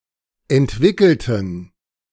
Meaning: inflection of entwickeln: 1. first/third-person plural preterite 2. first/third-person plural subjunctive II
- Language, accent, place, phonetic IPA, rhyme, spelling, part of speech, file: German, Germany, Berlin, [ɛntˈvɪkl̩tn̩], -ɪkl̩tn̩, entwickelten, adjective / verb, De-entwickelten.ogg